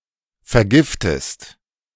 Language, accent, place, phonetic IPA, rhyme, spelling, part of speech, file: German, Germany, Berlin, [fɛɐ̯ˈɡɪftəst], -ɪftəst, vergiftest, verb, De-vergiftest.ogg
- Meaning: inflection of vergiften: 1. second-person singular present 2. second-person singular subjunctive I